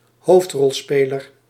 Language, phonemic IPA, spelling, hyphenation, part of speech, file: Dutch, /ˈɦoːft.rɔlˌspeː.lər/, hoofdrolspeler, hoofd‧rol‧spe‧ler, noun, Nl-hoofdrolspeler.ogg
- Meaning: 1. lead actor, actor playing a main role 2. protagonist